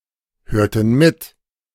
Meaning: inflection of mithören: 1. first/third-person plural preterite 2. first/third-person plural subjunctive II
- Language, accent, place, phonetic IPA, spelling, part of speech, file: German, Germany, Berlin, [ˌhøːɐ̯tn̩ ˈmɪt], hörten mit, verb, De-hörten mit.ogg